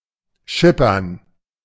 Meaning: 1. to go by ship, to sail (usually slowly) 2. to ship, to transport by ship
- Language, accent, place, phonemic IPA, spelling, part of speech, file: German, Germany, Berlin, /ˈʃɪpɐn/, schippern, verb, De-schippern.ogg